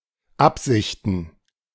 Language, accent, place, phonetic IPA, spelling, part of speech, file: German, Germany, Berlin, [ˈapzɪçtn̩], Absichten, noun, De-Absichten.ogg
- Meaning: plural of Absicht